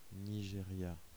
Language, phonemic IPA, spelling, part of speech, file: French, /ni.ʒe.ʁja/, Nigeria, proper noun, Fr-Nigeria.ogg
- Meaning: Nigeria (a country in West Africa, south of the country of Niger)